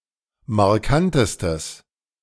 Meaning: strong/mixed nominative/accusative neuter singular superlative degree of markant
- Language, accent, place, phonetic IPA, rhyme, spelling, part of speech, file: German, Germany, Berlin, [maʁˈkantəstəs], -antəstəs, markantestes, adjective, De-markantestes.ogg